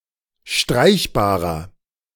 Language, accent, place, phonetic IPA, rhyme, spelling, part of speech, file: German, Germany, Berlin, [ˈʃtʁaɪ̯çbaːʁɐ], -aɪ̯çbaːʁɐ, streichbarer, adjective, De-streichbarer.ogg
- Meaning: inflection of streichbar: 1. strong/mixed nominative masculine singular 2. strong genitive/dative feminine singular 3. strong genitive plural